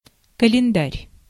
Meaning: calendar
- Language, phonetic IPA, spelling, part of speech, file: Russian, [kəlʲɪnˈdarʲ], календарь, noun, Ru-календарь.ogg